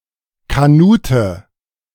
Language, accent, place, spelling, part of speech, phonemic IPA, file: German, Germany, Berlin, Kanute, noun, /kaˈnuːtə/, De-Kanute.ogg
- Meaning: canoeist, kayakist